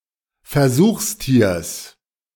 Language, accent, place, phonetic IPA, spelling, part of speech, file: German, Germany, Berlin, [fɛɐ̯ˈzuːxsˌtiːɐ̯s], Versuchstiers, noun, De-Versuchstiers.ogg
- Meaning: genitive singular of Versuchstier